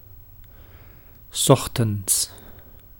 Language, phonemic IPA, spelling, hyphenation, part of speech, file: Dutch, /ˈsɔx.(t)ən(t)s/, 's ochtends, 's och‧tends, adverb, Nl-'s ochtends.ogg
- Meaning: in the morning